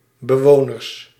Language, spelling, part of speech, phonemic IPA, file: Dutch, bewoners, noun, /bəˈwonərs/, Nl-bewoners.ogg
- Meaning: plural of bewoner